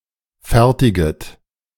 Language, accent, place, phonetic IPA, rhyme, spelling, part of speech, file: German, Germany, Berlin, [ˈfɛʁtɪɡət], -ɛʁtɪɡət, fertiget, verb, De-fertiget.ogg
- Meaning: second-person plural subjunctive I of fertigen